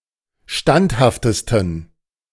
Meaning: 1. superlative degree of standhaft 2. inflection of standhaft: strong genitive masculine/neuter singular superlative degree
- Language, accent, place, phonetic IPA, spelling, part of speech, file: German, Germany, Berlin, [ˈʃtanthaftəstn̩], standhaftesten, adjective, De-standhaftesten.ogg